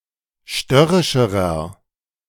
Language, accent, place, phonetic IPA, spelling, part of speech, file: German, Germany, Berlin, [ˈʃtœʁɪʃəʁɐ], störrischerer, adjective, De-störrischerer.ogg
- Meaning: inflection of störrisch: 1. strong/mixed nominative masculine singular comparative degree 2. strong genitive/dative feminine singular comparative degree 3. strong genitive plural comparative degree